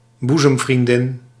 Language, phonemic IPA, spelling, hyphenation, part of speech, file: Dutch, /ˈbu.zəm.vrinˌdɪn/, boezemvriendin, boe‧zem‧vrien‧din, noun, Nl-boezemvriendin.ogg
- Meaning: female bosom friend